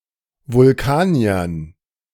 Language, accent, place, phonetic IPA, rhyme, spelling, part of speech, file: German, Germany, Berlin, [vʊlˈkaːni̯ɐn], -aːni̯ɐn, Vulkaniern, noun, De-Vulkaniern.ogg
- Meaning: dative plural of Vulkanier